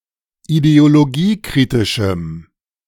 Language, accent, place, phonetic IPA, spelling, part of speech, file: German, Germany, Berlin, [ideoloˈɡiːˌkʁɪtɪʃm̩], ideologiekritischem, adjective, De-ideologiekritischem.ogg
- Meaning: strong dative masculine/neuter singular of ideologiekritisch